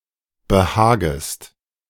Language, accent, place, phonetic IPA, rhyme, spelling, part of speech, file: German, Germany, Berlin, [bəˈhaːɡəst], -aːɡəst, behagest, verb, De-behagest.ogg
- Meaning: second-person singular subjunctive I of behagen